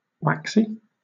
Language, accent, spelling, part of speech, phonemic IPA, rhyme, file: English, Southern England, waxy, adjective / noun, /ˈwæksi/, -æksi, LL-Q1860 (eng)-waxy.wav
- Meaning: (adjective) 1. Resembling wax in texture or appearance 2. Low in starch; tending to remain firm when cooked; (noun) A cobbler (shoe repairer); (adjective) Angry